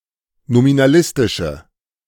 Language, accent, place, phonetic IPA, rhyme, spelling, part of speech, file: German, Germany, Berlin, [nominaˈlɪstɪʃə], -ɪstɪʃə, nominalistische, adjective, De-nominalistische.ogg
- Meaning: inflection of nominalistisch: 1. strong/mixed nominative/accusative feminine singular 2. strong nominative/accusative plural 3. weak nominative all-gender singular